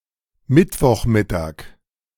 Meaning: Wednesday noon
- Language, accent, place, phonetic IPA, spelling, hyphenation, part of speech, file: German, Germany, Berlin, [ˈmɪtvɔχˌmɪtaːk], Mittwochmittag, Mitt‧woch‧mit‧tag, noun, De-Mittwochmittag.ogg